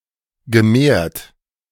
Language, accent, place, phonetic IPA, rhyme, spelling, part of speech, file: German, Germany, Berlin, [ɡəˈmeːɐ̯t], -eːɐ̯t, gemehrt, verb, De-gemehrt.ogg
- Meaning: past participle of mehren